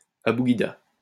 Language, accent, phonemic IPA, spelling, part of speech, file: French, France, /a.bu.ɡi.da/, abugida, noun, LL-Q150 (fra)-abugida.wav
- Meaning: abugida